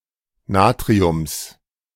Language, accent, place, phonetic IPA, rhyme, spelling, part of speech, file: German, Germany, Berlin, [ˈnaːtʁiʊms], -aːtʁiʊms, Natriums, noun, De-Natriums.ogg
- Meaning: genitive singular of Natrium